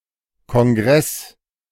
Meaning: 1. congress, Congress 2. conference, convention
- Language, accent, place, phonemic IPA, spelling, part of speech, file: German, Germany, Berlin, /kɔnˈɡʁɛs/, Kongress, noun, De-Kongress.ogg